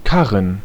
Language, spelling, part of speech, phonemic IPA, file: German, Karren, noun, /ˈkarən/, De-Karren.ogg
- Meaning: 1. alternative form of Karre 2. plural of Karre